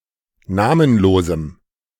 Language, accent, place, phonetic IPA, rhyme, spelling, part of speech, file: German, Germany, Berlin, [ˈnaːmənˌloːzm̩], -aːmənloːzm̩, namenlosem, adjective, De-namenlosem.ogg
- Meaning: strong dative masculine/neuter singular of namenlos